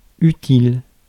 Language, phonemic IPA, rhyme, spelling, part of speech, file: French, /y.til/, -il, utile, adjective, Fr-utile.ogg
- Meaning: useful